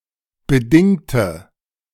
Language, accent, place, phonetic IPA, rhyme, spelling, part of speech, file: German, Germany, Berlin, [bəˈdɪŋtə], -ɪŋtə, bedingte, adjective / verb, De-bedingte.ogg
- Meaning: inflection of bedingt: 1. strong/mixed nominative/accusative feminine singular 2. strong nominative/accusative plural 3. weak nominative all-gender singular 4. weak accusative feminine/neuter singular